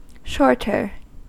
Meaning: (adjective) comparative form of short: more short; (noun) 1. A short, a short seller: one who engages in short selling 2. One who makes a dishonest profit by clipping and filing coins
- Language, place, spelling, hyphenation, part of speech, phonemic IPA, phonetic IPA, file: English, California, shorter, short‧er, adjective / noun, /ˈʃɔɹtɚ/, [ˈʃɔɹɾɚ], En-us-shorter.ogg